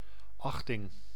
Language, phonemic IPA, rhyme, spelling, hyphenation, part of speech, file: Dutch, /ˈɑx.tɪŋ/, -ɑxtɪŋ, achting, ach‧ting, noun, Nl-achting.ogg
- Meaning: regard, esteem, estimation (opinion or judgment of something, negative or positive)